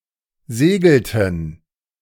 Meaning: inflection of segeln: 1. first/third-person plural preterite 2. first/third-person plural subjunctive II
- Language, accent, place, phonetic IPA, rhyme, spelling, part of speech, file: German, Germany, Berlin, [ˈzeːɡl̩tn̩], -eːɡl̩tn̩, segelten, verb, De-segelten.ogg